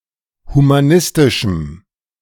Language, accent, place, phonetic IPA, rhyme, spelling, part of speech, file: German, Germany, Berlin, [humaˈnɪstɪʃm̩], -ɪstɪʃm̩, humanistischem, adjective, De-humanistischem.ogg
- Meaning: strong dative masculine/neuter singular of humanistisch